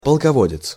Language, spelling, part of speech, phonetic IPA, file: Russian, полководец, noun, [pəɫkɐˈvodʲɪt͡s], Ru-полководец.ogg
- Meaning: commander, military leader, warlord